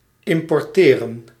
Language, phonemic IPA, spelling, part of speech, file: Dutch, /ˌɪmporˈterə(n)/, importeren, verb, Nl-importeren.ogg
- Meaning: to import